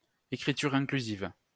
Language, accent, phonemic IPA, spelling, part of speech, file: French, France, /e.kʁi.tyʁ ɛ̃.kly.ziv/, écriture inclusive, noun, LL-Q150 (fra)-écriture inclusive.wav
- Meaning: gender-neutral writing